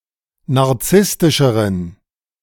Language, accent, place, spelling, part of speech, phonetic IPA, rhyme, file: German, Germany, Berlin, narzisstischeren, adjective, [naʁˈt͡sɪstɪʃəʁən], -ɪstɪʃəʁən, De-narzisstischeren.ogg
- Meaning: inflection of narzisstisch: 1. strong genitive masculine/neuter singular comparative degree 2. weak/mixed genitive/dative all-gender singular comparative degree